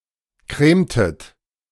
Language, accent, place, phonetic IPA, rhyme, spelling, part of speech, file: German, Germany, Berlin, [ˈkʁeːmtət], -eːmtət, cremtet, verb, De-cremtet.ogg
- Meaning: inflection of cremen: 1. second-person plural preterite 2. second-person plural subjunctive II